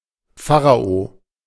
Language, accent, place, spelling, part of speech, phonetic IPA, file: German, Germany, Berlin, Pharao, noun, [ˈfaːʁao], De-Pharao.ogg
- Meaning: pharaoh